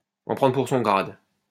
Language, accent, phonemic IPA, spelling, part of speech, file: French, France, /ɑ̃ pʁɑ̃.dʁə puʁ sɔ̃ ɡʁad/, en prendre pour son grade, verb, LL-Q150 (fra)-en prendre pour son grade.wav
- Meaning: 1. to be given a dressing-down, to get a severe telling-off, to get read the riot act; to get hauled over the coals 2. to take a beating, to take a thrashing